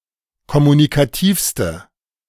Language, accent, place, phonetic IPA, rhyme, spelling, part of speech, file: German, Germany, Berlin, [kɔmunikaˈtiːfstə], -iːfstə, kommunikativste, adjective, De-kommunikativste.ogg
- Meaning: inflection of kommunikativ: 1. strong/mixed nominative/accusative feminine singular superlative degree 2. strong nominative/accusative plural superlative degree